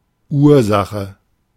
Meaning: cause (source or reason of an event or action)
- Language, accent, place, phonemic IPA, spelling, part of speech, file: German, Germany, Berlin, /ˈuːɐ̯ˌzaxə/, Ursache, noun, De-Ursache.ogg